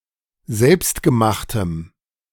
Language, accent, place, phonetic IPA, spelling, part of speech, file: German, Germany, Berlin, [ˈzɛlpstɡəˌmaxtəm], selbstgemachtem, adjective, De-selbstgemachtem.ogg
- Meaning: strong dative masculine/neuter singular of selbstgemacht